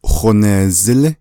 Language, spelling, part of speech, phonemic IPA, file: Navajo, honeezílí, verb, /hònèːzɪ́lɪ́/, Nv-honeezílí.ogg
- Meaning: a place, the weather is warm